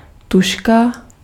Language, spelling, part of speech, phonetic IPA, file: Czech, tužka, noun, [ˈtuʃka], Cs-tužka.ogg
- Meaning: pencil